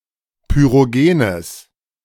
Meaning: strong/mixed nominative/accusative neuter singular of pyrogen
- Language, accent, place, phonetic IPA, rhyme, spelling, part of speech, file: German, Germany, Berlin, [pyʁoˈɡeːnəs], -eːnəs, pyrogenes, adjective, De-pyrogenes.ogg